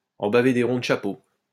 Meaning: to go through hell, to suffer, to have a hard time, to have a rough time of it; to go through the mill (with a purpose)
- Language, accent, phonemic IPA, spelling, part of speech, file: French, France, /ɑ̃ ba.ve de ʁɔ̃ d(ə) ʃa.po/, en baver des ronds de chapeau, verb, LL-Q150 (fra)-en baver des ronds de chapeau.wav